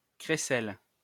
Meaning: rattle (instrument, toy)
- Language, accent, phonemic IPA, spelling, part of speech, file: French, France, /kʁe.sɛl/, crécelle, noun, LL-Q150 (fra)-crécelle.wav